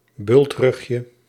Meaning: diminutive of bultrug
- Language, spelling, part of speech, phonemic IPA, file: Dutch, bultrugje, noun, /ˈbʏltrʏxjə/, Nl-bultrugje.ogg